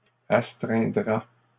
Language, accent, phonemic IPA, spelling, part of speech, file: French, Canada, /as.tʁɛ̃.dʁa/, astreindra, verb, LL-Q150 (fra)-astreindra.wav
- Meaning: third-person singular simple future of astreindre